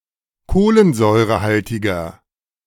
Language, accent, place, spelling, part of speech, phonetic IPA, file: German, Germany, Berlin, kohlensäurehaltiger, adjective, [ˈkoːlənzɔɪ̯ʁəˌhaltɪɡɐ], De-kohlensäurehaltiger.ogg
- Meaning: inflection of kohlensäurehaltig: 1. strong/mixed nominative masculine singular 2. strong genitive/dative feminine singular 3. strong genitive plural